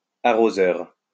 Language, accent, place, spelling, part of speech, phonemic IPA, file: French, France, Lyon, arroseur, noun, /a.ʁo.zœʁ/, LL-Q150 (fra)-arroseur.wav
- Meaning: 1. sprinkler 2. waterer (someone who waters plants)